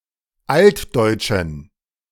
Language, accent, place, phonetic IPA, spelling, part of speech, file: German, Germany, Berlin, [ˈaltdɔɪ̯t͡ʃn̩], altdeutschen, adjective, De-altdeutschen.ogg
- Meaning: inflection of altdeutsch: 1. strong genitive masculine/neuter singular 2. weak/mixed genitive/dative all-gender singular 3. strong/weak/mixed accusative masculine singular 4. strong dative plural